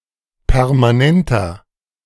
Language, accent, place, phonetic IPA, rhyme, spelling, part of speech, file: German, Germany, Berlin, [pɛʁmaˈnɛntɐ], -ɛntɐ, permanenter, adjective, De-permanenter.ogg
- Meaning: inflection of permanent: 1. strong/mixed nominative masculine singular 2. strong genitive/dative feminine singular 3. strong genitive plural